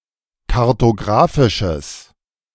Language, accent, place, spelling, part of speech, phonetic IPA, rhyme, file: German, Germany, Berlin, kartographisches, adjective, [kaʁtoˈɡʁaːfɪʃəs], -aːfɪʃəs, De-kartographisches.ogg
- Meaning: strong/mixed nominative/accusative neuter singular of kartographisch